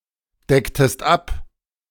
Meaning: inflection of abdecken: 1. second-person singular preterite 2. second-person singular subjunctive II
- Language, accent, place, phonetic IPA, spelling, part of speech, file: German, Germany, Berlin, [ˌdɛktəst ˈap], decktest ab, verb, De-decktest ab.ogg